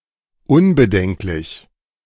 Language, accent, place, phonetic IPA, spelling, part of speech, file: German, Germany, Berlin, [ˈʊnbəˌdɛŋklɪç], unbedenklich, adjective, De-unbedenklich.ogg
- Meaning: 1. harmless, unproblematic, unobjectionable (giving no cause for concern or reservation) 2. synonym of bedenkenlos: prompt, unhesitating, uncritical, unscrupulous (without concern)